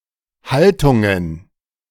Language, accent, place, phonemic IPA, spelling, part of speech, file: German, Germany, Berlin, /ˈhaltʊŋən/, Haltungen, noun, De-Haltungen.ogg
- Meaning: plural of Haltung